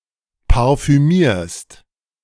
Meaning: second-person singular present of parfümieren
- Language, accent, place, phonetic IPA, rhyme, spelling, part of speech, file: German, Germany, Berlin, [paʁfyˈmiːɐ̯st], -iːɐ̯st, parfümierst, verb, De-parfümierst.ogg